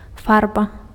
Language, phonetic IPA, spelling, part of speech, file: Belarusian, [ˈfarba], фарба, noun, Be-фарба.ogg
- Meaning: 1. paint; dye 2. color